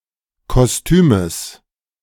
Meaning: genitive singular of Kostüm
- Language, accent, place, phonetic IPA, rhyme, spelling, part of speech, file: German, Germany, Berlin, [kɔsˈtyːməs], -yːməs, Kostümes, noun, De-Kostümes.ogg